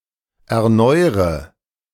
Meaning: inflection of erneuern: 1. first-person singular present 2. first/third-person singular subjunctive I 3. singular imperative
- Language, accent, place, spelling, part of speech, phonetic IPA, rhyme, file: German, Germany, Berlin, erneure, verb, [ɛɐ̯ˈnɔɪ̯ʁə], -ɔɪ̯ʁə, De-erneure.ogg